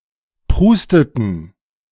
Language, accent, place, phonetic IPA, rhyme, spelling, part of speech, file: German, Germany, Berlin, [ˈpʁuːstətn̩], -uːstətn̩, prusteten, verb, De-prusteten.ogg
- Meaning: inflection of prusten: 1. first/third-person plural preterite 2. first/third-person plural subjunctive II